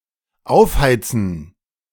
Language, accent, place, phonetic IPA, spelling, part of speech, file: German, Germany, Berlin, [ˈaʊ̯fˌhaɪ̯t͡sn̩], aufheizen, verb, De-aufheizen.ogg
- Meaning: to heat up